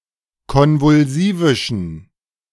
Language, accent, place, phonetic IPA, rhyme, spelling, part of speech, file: German, Germany, Berlin, [ˌkɔnvʊlˈziːvɪʃn̩], -iːvɪʃn̩, konvulsivischen, adjective, De-konvulsivischen.ogg
- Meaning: inflection of konvulsivisch: 1. strong genitive masculine/neuter singular 2. weak/mixed genitive/dative all-gender singular 3. strong/weak/mixed accusative masculine singular 4. strong dative plural